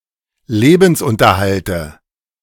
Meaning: dative of Lebensunterhalt
- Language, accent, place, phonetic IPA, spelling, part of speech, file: German, Germany, Berlin, [ˈleːbn̩sˌʔʊntɐhaltə], Lebensunterhalte, noun, De-Lebensunterhalte.ogg